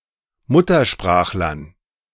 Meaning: dative plural of Muttersprachler
- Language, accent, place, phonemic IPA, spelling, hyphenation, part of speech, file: German, Germany, Berlin, /ˈmʊtɐˌʃpʁaːxlɐn/, Muttersprachlern, Mut‧ter‧sprach‧lern, noun, De-Muttersprachlern.ogg